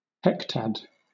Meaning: A unit of land area, ten by ten (that is, a hundred) square kilometres, often used for assessing how widely distributed particular animals or plants are
- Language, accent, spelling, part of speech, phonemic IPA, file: English, Southern England, hectad, noun, /ˈhɛktæd/, LL-Q1860 (eng)-hectad.wav